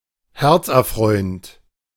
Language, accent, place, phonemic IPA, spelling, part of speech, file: German, Germany, Berlin, /ˈhɛʁt͡sʔɛɐ̯ˌfʁɔɪ̯ənt/, herzerfreuend, adjective, De-herzerfreuend.ogg
- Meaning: heartfelt; heartwarming